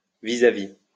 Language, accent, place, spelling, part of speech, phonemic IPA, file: French, France, Lyon, vis-à-vis, adverb / noun, /vi.za.vi/, LL-Q150 (fra)-vis-à-vis.wav
- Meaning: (adverb) Facing, face-to-face; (noun) 1. a meeting, especially a private one 2. a position where two things face each other 3. an equivalent